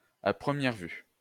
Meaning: at first sight, at first blush, at first glance, at a glance
- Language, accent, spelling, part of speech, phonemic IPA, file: French, France, à première vue, adverb, /a pʁə.mjɛʁ vy/, LL-Q150 (fra)-à première vue.wav